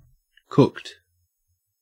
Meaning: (adjective) 1. Prepared by cooking 2. Corrupted by conversion through a text format, requiring uncooking to be properly listenable 3. Partially or wholly fabricated, falsified
- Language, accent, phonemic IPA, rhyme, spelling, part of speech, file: English, Australia, /kʊkt/, -ʊkt, cooked, adjective / verb, En-au-cooked.ogg